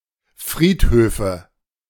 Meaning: nominative/accusative/genitive plural of Friedhof ("cemeteries")
- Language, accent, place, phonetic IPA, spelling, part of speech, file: German, Germany, Berlin, [ˈfʁiːtˌhøːfə], Friedhöfe, noun, De-Friedhöfe.ogg